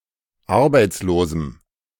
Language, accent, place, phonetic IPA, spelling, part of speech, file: German, Germany, Berlin, [ˈaʁbaɪ̯t͡sloːzm̩], arbeitslosem, adjective, De-arbeitslosem.ogg
- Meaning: strong dative masculine/neuter singular of arbeitslos